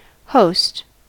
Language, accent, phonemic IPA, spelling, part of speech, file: English, US, /hoʊst/, host, noun / verb, En-us-host.ogg
- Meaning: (noun) 1. One which receives or entertains a guest, socially, commercially, or officially 2. One that provides a facility for an event 3. A person or organization responsible for running an event